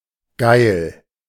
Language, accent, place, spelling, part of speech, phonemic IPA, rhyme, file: German, Germany, Berlin, geil, adjective, /ɡaɪ̯l/, -aɪ̯l, De-geil.ogg
- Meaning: 1. salacious; lustful; horny 2. keen; bent 3. great; cool; awesome 4. sexy; hot 5. rank, luxuriant (growing abundantly) 6. fatty, heavy (of foods)